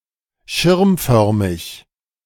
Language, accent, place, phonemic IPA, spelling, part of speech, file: German, Germany, Berlin, /ˈʃɪʁmˌfœʁmɪç/, schirmförmig, adjective, De-schirmförmig.ogg
- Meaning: umbrella-shaped